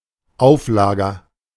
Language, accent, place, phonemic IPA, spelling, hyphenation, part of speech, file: German, Germany, Berlin, /ˈaʊ̯fˌlaːɡɐ/, Auflager, Auf‧la‧ger, noun, De-Auflager.ogg
- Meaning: support, bearing